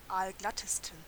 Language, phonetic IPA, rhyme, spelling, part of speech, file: German, [ˈaːlˈɡlatəstn̩], -atəstn̩, aalglattesten, adjective, De-aalglattesten.ogg
- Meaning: 1. superlative degree of aalglatt 2. inflection of aalglatt: strong genitive masculine/neuter singular superlative degree